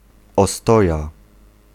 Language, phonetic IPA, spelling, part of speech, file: Polish, [ɔˈstɔja], ostoja, noun, Pl-ostoja.ogg